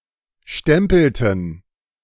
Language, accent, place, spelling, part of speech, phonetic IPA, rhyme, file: German, Germany, Berlin, stempelten, verb, [ˈʃtɛmpl̩tn̩], -ɛmpl̩tn̩, De-stempelten.ogg
- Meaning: inflection of stempeln: 1. first/third-person plural preterite 2. first/third-person plural subjunctive II